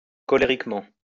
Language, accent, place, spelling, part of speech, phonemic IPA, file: French, France, Lyon, colériquement, adverb, /kɔ.le.ʁik.mɑ̃/, LL-Q150 (fra)-colériquement.wav
- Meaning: angrily; frustratedly